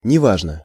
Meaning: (adverb) 1. no matter (how) 2. poorly, not very well; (adjective) it is unimportant; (interjection) it doesn't matter, it's OK; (adjective) short neuter singular of нева́жный (nevážnyj)
- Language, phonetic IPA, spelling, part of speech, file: Russian, [nʲɪˈvaʐnə], неважно, adverb / adjective / interjection, Ru-неважно.ogg